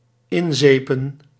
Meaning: 1. to soap, to lather 2. to rub snow on another person's face
- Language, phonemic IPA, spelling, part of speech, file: Dutch, /ˈɪnˌzeː.pə(n)/, inzepen, verb, Nl-inzepen.ogg